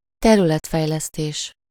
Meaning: regional development, land development, spatial development
- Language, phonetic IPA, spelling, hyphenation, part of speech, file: Hungarian, [ˈtɛrylɛtfɛjlɛsteːʃ], területfejlesztés, te‧rü‧let‧fej‧lesz‧tés, noun, Hu-területfejlesztés.ogg